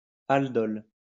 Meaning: aldol
- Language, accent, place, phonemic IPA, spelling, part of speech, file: French, France, Lyon, /al.dɔl/, aldol, noun, LL-Q150 (fra)-aldol.wav